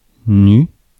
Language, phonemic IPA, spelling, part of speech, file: French, /ny/, nu, adjective / noun, Fr-nu.ogg
- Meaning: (adjective) naked; nude; bare; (noun) 1. nude 2. nu (Greek letter)